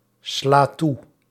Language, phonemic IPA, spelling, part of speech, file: Dutch, /ˈsla ˈtu/, sla toe, verb, Nl-sla toe.ogg
- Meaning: inflection of toeslaan: 1. first-person singular present indicative 2. second-person singular present indicative 3. imperative 4. singular present subjunctive